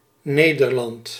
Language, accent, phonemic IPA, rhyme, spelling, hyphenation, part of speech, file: Dutch, Netherlands, /ˈneː.dərˌlɑnt/, -ɑnt, Nederland, Ne‧der‧land, proper noun, Nl-Nederland.ogg
- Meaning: Netherlands (the main constituent country of the Kingdom of the Netherlands, located primarily in Western Europe bordering Germany and Belgium)